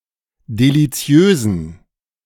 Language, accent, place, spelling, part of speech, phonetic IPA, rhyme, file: German, Germany, Berlin, deliziösen, adjective, [deliˈt͡si̯øːzn̩], -øːzn̩, De-deliziösen.ogg
- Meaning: inflection of deliziös: 1. strong genitive masculine/neuter singular 2. weak/mixed genitive/dative all-gender singular 3. strong/weak/mixed accusative masculine singular 4. strong dative plural